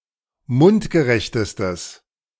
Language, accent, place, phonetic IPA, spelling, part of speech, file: German, Germany, Berlin, [ˈmʊntɡəˌʁɛçtəstəs], mundgerechtestes, adjective, De-mundgerechtestes.ogg
- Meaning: strong/mixed nominative/accusative neuter singular superlative degree of mundgerecht